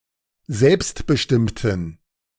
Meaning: inflection of selbstbestimmt: 1. strong genitive masculine/neuter singular 2. weak/mixed genitive/dative all-gender singular 3. strong/weak/mixed accusative masculine singular 4. strong dative plural
- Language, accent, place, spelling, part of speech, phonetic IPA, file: German, Germany, Berlin, selbstbestimmten, adjective, [ˈzɛlpstbəˌʃtɪmtn̩], De-selbstbestimmten.ogg